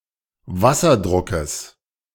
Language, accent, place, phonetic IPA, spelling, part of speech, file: German, Germany, Berlin, [ˈva.sɐˌdʁʊkəs], Wasserdruckes, noun, De-Wasserdruckes.ogg
- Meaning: genitive singular of Wasserdruck